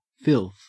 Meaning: 1. Dirt; foul matter; that which soils or defiles 2. Smut; that which sullies or defiles the moral character; corruption; pollution 3. A vile or disgusting person 4. Weeds growing on pasture land
- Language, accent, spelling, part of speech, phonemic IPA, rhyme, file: English, Australia, filth, noun, /fɪlθ/, -ɪlθ, En-au-filth.ogg